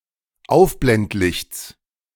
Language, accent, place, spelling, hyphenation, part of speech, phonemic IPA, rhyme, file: German, Germany, Berlin, Aufblendlichts, Auf‧blend‧lichts, noun, /ˈaʊ̯fblɛntˌlɪçts/, -ɪçt͡s, De-Aufblendlichts.ogg
- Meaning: genitive singular of Aufblendlicht